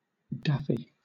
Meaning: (adjective) Somewhat mad or eccentric; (noun) 1. A daffodil 2. Gin
- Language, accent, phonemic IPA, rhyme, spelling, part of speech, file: English, Southern England, /ˈdæfi/, -æfi, daffy, adjective / noun, LL-Q1860 (eng)-daffy.wav